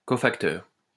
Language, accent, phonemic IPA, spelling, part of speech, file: French, France, /kɔ.fak.tœʁ/, cofacteur, noun, LL-Q150 (fra)-cofacteur.wav
- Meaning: cofactor